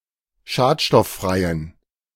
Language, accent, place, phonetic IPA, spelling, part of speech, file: German, Germany, Berlin, [ˈʃaːtʃtɔfˌfʁaɪ̯ən], schadstofffreien, adjective, De-schadstofffreien.ogg
- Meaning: inflection of schadstofffrei: 1. strong genitive masculine/neuter singular 2. weak/mixed genitive/dative all-gender singular 3. strong/weak/mixed accusative masculine singular 4. strong dative plural